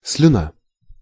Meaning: saliva, spittle
- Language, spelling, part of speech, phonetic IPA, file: Russian, слюна, noun, [s⁽ʲ⁾lʲʊˈna], Ru-слюна.ogg